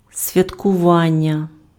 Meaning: verbal noun of святкува́ти impf (svjatkuváty): celebration
- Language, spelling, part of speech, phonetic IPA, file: Ukrainian, святкування, noun, [sʲʋʲɐtkʊˈʋanʲːɐ], Uk-святкування.ogg